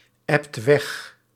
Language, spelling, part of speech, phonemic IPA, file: Dutch, ebt weg, verb, /ˈɛpt ˈwɛx/, Nl-ebt weg.ogg
- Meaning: inflection of wegebben: 1. second/third-person singular present indicative 2. plural imperative